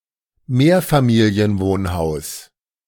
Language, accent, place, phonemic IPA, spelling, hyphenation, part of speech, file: German, Germany, Berlin, /ˈmeːɐ̯faˌmiːli̯ənˌvoːnhaʊ̯s/, Mehrfamilienwohnhaus, Mehr‧fa‧mi‧li‧en‧wohn‧haus, noun, De-Mehrfamilienwohnhaus.ogg
- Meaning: multifamily house